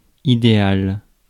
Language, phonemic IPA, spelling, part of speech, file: French, /i.de.al/, idéal, noun / adjective, Fr-idéal.ogg
- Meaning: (noun) ideal